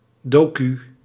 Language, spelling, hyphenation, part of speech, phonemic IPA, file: Dutch, docu, do‧cu, noun, /ˈdoː.ky/, Nl-docu.ogg
- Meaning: clipping of documentaire